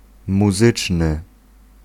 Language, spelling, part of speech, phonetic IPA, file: Polish, muzyczny, adjective, [muˈzɨt͡ʃnɨ], Pl-muzyczny.ogg